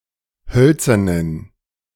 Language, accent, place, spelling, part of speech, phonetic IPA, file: German, Germany, Berlin, hölzernen, adjective, [ˈhœlt͡sɐnən], De-hölzernen.ogg
- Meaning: inflection of hölzern: 1. strong genitive masculine/neuter singular 2. weak/mixed genitive/dative all-gender singular 3. strong/weak/mixed accusative masculine singular 4. strong dative plural